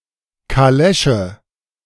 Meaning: calèche, carriage
- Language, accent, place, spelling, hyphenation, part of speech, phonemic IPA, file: German, Germany, Berlin, Kalesche, Ka‧le‧sche, noun, /kaˈlɛʃə/, De-Kalesche.ogg